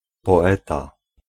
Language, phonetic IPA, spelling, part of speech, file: Polish, [pɔˈɛta], poeta, noun, Pl-poeta.ogg